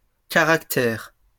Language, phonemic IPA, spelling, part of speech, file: French, /ka.ʁak.tɛʁ/, caractères, noun, LL-Q150 (fra)-caractères.wav
- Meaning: plural of caractère